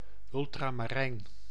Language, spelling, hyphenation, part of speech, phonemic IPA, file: Dutch, ultramarijn, ul‧tra‧ma‧rijn, noun / adjective, /ˌʏltramaˈrɛin/, Nl-ultramarijn.ogg
- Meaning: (noun) ultramarine (pigment or color); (adjective) ultramarine (color)